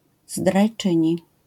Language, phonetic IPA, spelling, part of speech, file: Polish, [zdrajˈt͡ʃɨ̃ɲi], zdrajczyni, noun, LL-Q809 (pol)-zdrajczyni.wav